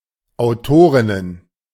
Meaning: plural of Autorin
- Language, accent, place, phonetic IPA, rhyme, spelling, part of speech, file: German, Germany, Berlin, [aʊ̯ˈtoːʁɪnən], -oːʁɪnən, Autorinnen, noun, De-Autorinnen.ogg